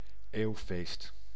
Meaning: centennial
- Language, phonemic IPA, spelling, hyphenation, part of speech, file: Dutch, /ˈeːu̯.feːst/, eeuwfeest, eeuw‧feest, noun, Nl-eeuwfeest.ogg